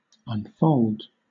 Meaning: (verb) 1. To undo a folding 2. To become unfolded 3. To turn out; to happen; to develop
- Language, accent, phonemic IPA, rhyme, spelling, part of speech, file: English, Southern England, /ʌnˈfəʊld/, -əʊld, unfold, verb / noun, LL-Q1860 (eng)-unfold.wav